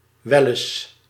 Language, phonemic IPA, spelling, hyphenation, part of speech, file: Dutch, /ˈʋɛləs/, welles, wel‧les, interjection, Nl-welles.ogg
- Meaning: used to contradict a negative assertion